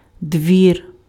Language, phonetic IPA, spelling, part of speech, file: Ukrainian, [dʲʋʲir], двір, noun, Uk-двір.ogg
- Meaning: 1. court, yard 2. house, estate, residential building 3. court (residence or entourage of a monarch) 4. household servants, court